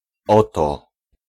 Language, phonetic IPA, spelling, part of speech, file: Polish, [ˈɔtɔ], oto, pronoun / particle, Pl-oto.ogg